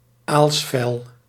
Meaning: skin of an eel
- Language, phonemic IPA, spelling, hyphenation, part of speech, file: Dutch, /ˈaːls.fɛl/, aalsvel, aals‧vel, noun, Nl-aalsvel.ogg